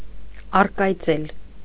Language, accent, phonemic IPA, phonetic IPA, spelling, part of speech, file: Armenian, Eastern Armenian, /ɑrkɑjˈt͡sel/, [ɑrkɑjt͡sél], առկայծել, verb, Hy-առկայծել.ogg
- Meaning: 1. to fade, to wane, to dim 2. to shine, to sparkle, to glimmer 3. to feel enveloped by a strong inner sensation, especially as a result of a new idea